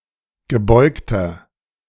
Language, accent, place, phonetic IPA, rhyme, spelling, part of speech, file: German, Germany, Berlin, [ɡəˈbɔɪ̯ktɐ], -ɔɪ̯ktɐ, gebeugter, adjective, De-gebeugter.ogg
- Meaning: 1. comparative degree of gebeugt 2. inflection of gebeugt: strong/mixed nominative masculine singular 3. inflection of gebeugt: strong genitive/dative feminine singular